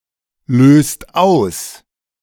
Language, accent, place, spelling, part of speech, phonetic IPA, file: German, Germany, Berlin, löst aus, verb, [ˌløːst ˈaʊ̯s], De-löst aus.ogg
- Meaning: inflection of auslösen: 1. second/third-person singular present 2. second-person plural present 3. plural imperative